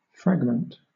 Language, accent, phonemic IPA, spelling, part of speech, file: English, Southern England, /ˈfɹæɡmənt/, fragment, noun, LL-Q1860 (eng)-fragment.wav
- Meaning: 1. A part broken off; a small, detached portion; an imperfect part, either physically or not 2. A sentence not containing a subject or a predicate; a sentence fragment 3. An incomplete portion of code